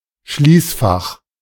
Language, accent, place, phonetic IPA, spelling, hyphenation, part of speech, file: German, Germany, Berlin, [ˈʃliːsˌfaχ], Schließfach, Schließ‧fach, noun, De-Schließfach.ogg
- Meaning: 1. safe-deposit box, locker, lockbox 2. post office box